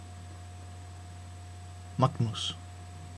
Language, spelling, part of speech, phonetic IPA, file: Icelandic, Magnús, proper noun, [ˈmaknus], Is-Magnús.oga
- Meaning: a male given name from Latin, equivalent to English Magnus